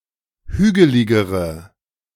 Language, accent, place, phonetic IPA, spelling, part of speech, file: German, Germany, Berlin, [ˈhyːɡəlɪɡəʁə], hügeligere, adjective, De-hügeligere.ogg
- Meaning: inflection of hügelig: 1. strong/mixed nominative/accusative feminine singular comparative degree 2. strong nominative/accusative plural comparative degree